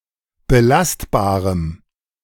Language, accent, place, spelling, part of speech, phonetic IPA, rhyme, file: German, Germany, Berlin, belastbarem, adjective, [bəˈlastbaːʁəm], -astbaːʁəm, De-belastbarem.ogg
- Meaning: strong dative masculine/neuter singular of belastbar